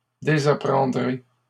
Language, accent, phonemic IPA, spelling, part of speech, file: French, Canada, /de.za.pʁɑ̃.dʁe/, désapprendrez, verb, LL-Q150 (fra)-désapprendrez.wav
- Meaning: second-person plural simple future of désapprendre